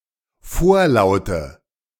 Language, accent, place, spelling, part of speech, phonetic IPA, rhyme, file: German, Germany, Berlin, vorlaute, adjective, [ˈfoːɐ̯ˌlaʊ̯tə], -oːɐ̯laʊ̯tə, De-vorlaute.ogg
- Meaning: inflection of vorlaut: 1. strong/mixed nominative/accusative feminine singular 2. strong nominative/accusative plural 3. weak nominative all-gender singular 4. weak accusative feminine/neuter singular